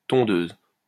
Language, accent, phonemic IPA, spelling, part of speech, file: French, France, /tɔ̃.døz/, tondeuse, noun, LL-Q150 (fra)-tondeuse.wav
- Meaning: 1. lawnmower 2. hair clipper